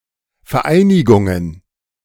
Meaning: plural of Vereinigung
- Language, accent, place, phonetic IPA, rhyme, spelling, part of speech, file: German, Germany, Berlin, [fɛɐ̯ˈʔaɪ̯nɪɡʊŋən], -aɪ̯nɪɡʊŋən, Vereinigungen, noun, De-Vereinigungen.ogg